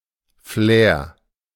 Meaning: flair (distinctive style or elegance)
- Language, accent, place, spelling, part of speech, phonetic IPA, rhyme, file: German, Germany, Berlin, Flair, noun, [flɛːɐ̯], -ɛːɐ̯, De-Flair.ogg